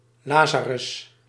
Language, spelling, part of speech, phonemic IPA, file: Dutch, lazarus, adjective, /ˈlazarʏs/, Nl-lazarus.ogg
- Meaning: very drunk, wasted